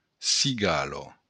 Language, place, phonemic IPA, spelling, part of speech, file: Occitan, Béarn, /siˈɡalo/, cigala, noun, LL-Q14185 (oci)-cigala.wav
- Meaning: cicada